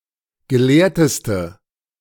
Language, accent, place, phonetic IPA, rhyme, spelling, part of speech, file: German, Germany, Berlin, [ɡəˈleːɐ̯təstə], -eːɐ̯təstə, gelehrteste, adjective, De-gelehrteste.ogg
- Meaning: inflection of gelehrt: 1. strong/mixed nominative/accusative feminine singular superlative degree 2. strong nominative/accusative plural superlative degree